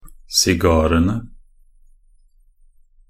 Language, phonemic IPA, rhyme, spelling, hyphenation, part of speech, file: Norwegian Bokmål, /sɪˈɡɑːrənə/, -ənə, sigarene, si‧ga‧re‧ne, noun, Nb-sigarene.ogg
- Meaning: definite plural of sigar